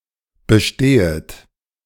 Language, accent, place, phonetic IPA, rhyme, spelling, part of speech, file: German, Germany, Berlin, [bəˈʃteːət], -eːət, bestehet, verb, De-bestehet.ogg
- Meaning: second-person plural subjunctive I of bestehen